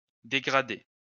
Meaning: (verb) past participle of dégrader; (noun) color gradient
- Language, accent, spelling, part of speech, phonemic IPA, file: French, France, dégradé, verb / noun, /de.ɡʁa.de/, LL-Q150 (fra)-dégradé.wav